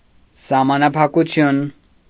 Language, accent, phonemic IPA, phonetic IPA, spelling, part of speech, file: Armenian, Eastern Armenian, /sɑhmɑnɑpʰɑkuˈtʰjun/, [sɑhmɑnɑpʰɑkut͡sʰjún], սահմանափակություն, noun, Hy-սահմանափակություն.ogg
- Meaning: limitedness, restrictedness